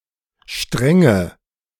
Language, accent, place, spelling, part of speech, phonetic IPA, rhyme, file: German, Germany, Berlin, strenge, adjective / verb, [ˈʃtʁɛŋə], -ɛŋə, De-strenge.ogg
- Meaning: inflection of streng: 1. strong/mixed nominative/accusative feminine singular 2. strong nominative/accusative plural 3. weak nominative all-gender singular 4. weak accusative feminine/neuter singular